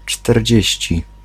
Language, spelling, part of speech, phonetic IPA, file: Polish, czterdzieści, adjective, [t͡ʃtɛrʲˈd͡ʑɛ̇ɕt͡ɕi], Pl-czterdzieści.ogg